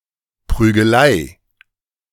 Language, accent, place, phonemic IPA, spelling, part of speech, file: German, Germany, Berlin, /pʁyːɡəˈlaɪ̯/, Prügelei, noun, De-Prügelei.ogg
- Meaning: fight, ruckus, brawl, scuffle